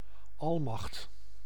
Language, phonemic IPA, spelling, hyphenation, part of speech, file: Dutch, /ˈɑl.mɑxt/, almacht, al‧macht, noun, Nl-almacht.ogg
- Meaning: omnipotence